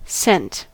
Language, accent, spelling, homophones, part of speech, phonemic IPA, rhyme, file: English, US, sent, cent / scent, verb / noun, /sɛnt/, -ɛnt, En-us-sent.ogg
- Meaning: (verb) simple past and past participle of send; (noun) 1. A subdivision of currency, equal to one hundredth of an Estonian kroon 2. Obsolete form of scent